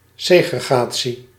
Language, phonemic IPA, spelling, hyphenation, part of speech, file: Dutch, /ˌseː.ɣrəˈɣaː.(t)si/, segregatie, se‧gre‧ga‧tie, noun, Nl-segregatie.ogg
- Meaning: segregation